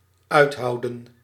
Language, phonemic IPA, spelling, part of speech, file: Dutch, /ˈœythɑudə(n)/, uithouden, verb, Nl-uithouden.ogg
- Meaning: to endure